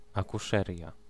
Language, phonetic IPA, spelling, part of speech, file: Polish, [ˌakuˈʃɛrʲja], akuszeria, noun, Pl-akuszeria.ogg